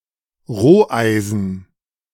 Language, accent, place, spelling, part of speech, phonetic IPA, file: German, Germany, Berlin, Roheisen, noun, [ˈʁoːˌʔaɪ̯zn̩], De-Roheisen.ogg
- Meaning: pig iron